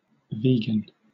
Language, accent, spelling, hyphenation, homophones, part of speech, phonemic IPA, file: English, Southern England, vegan, ve‧gan, vaguen / Vegan, adjective / noun, /ˈviːɡən/, LL-Q1860 (eng)-vegan.wav
- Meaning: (adjective) 1. Not containing animal products (meat, eggs, milk, leather, etc) or inherently involving animal use 2. Committed to avoiding any product or practice that inherently involves animal use